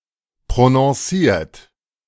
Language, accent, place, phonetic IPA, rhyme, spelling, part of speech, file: German, Germany, Berlin, [pʁonɔ̃ˈsiːɐ̯t], -iːɐ̯t, prononciert, verb, De-prononciert.ogg
- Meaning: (verb) past participle of prononcieren; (adjective) pronounced